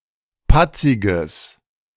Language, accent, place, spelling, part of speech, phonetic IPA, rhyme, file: German, Germany, Berlin, patziges, adjective, [ˈpat͡sɪɡəs], -at͡sɪɡəs, De-patziges.ogg
- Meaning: strong/mixed nominative/accusative neuter singular of patzig